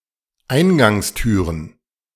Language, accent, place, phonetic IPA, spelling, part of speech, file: German, Germany, Berlin, [ˈaɪ̯nɡaŋsˌtyːʁən], Eingangstüren, noun, De-Eingangstüren.ogg
- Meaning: plural of Eingangstür